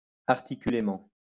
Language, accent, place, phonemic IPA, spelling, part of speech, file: French, France, Lyon, /aʁ.ti.ky.le.mɑ̃/, articulément, adverb, LL-Q150 (fra)-articulément.wav
- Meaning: distinctly